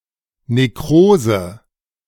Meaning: necrosis
- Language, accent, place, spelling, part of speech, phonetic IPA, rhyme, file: German, Germany, Berlin, Nekrose, noun, [neˈkʁoːzə], -oːzə, De-Nekrose.ogg